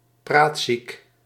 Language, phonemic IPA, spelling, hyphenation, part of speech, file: Dutch, /ˈpraːt.sik/, praatziek, praat‧ziek, adjective, Nl-praatziek.ogg
- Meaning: loquacious, garrulous